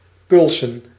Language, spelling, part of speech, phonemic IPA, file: Dutch, pulsen, verb / noun, /ˈpʏlsə(n)/, Nl-pulsen.ogg
- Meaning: to violently dispossess, to loot, to destroy property and environment, of Jews in particular